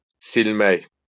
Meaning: 1. to wipe 2. erase 3. to delete
- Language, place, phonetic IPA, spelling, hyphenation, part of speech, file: Azerbaijani, Baku, [silˈmæk], silmək, sil‧mək, verb, LL-Q9292 (aze)-silmək.wav